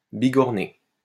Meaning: 1. to forge (work metal on an anvil) 2. to hit vigorously 3. to murder
- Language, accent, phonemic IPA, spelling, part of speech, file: French, France, /bi.ɡɔʁ.ne/, bigorner, verb, LL-Q150 (fra)-bigorner.wav